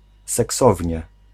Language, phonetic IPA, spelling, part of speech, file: Polish, [sɛˈksɔvʲɲɛ], seksownie, adverb, Pl-seksownie.ogg